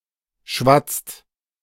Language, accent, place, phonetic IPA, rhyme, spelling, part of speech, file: German, Germany, Berlin, [ʃvat͡st], -at͡st, schwatzt, verb, De-schwatzt.ogg
- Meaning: inflection of schwatzen: 1. second-person singular/plural present 2. third-person singular present 3. plural imperative